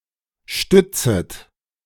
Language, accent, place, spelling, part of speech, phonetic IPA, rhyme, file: German, Germany, Berlin, stützet, verb, [ˈʃtʏt͡sət], -ʏt͡sət, De-stützet.ogg
- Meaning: second-person plural subjunctive I of stützen